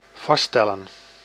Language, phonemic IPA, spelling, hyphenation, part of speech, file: Dutch, /ˈvɑ(s)ˈstɛ.lə(n)/, vaststellen, vast‧stel‧len, verb, Nl-vaststellen.ogg
- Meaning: 1. to determine, to ascertain 2. to set, to establish